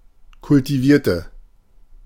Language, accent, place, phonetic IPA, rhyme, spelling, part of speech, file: German, Germany, Berlin, [kʊltiˈviːɐ̯tə], -iːɐ̯tə, kultivierte, adjective / verb, De-kultivierte.ogg
- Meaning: inflection of kultivieren: 1. first/third-person singular preterite 2. first/third-person singular subjunctive II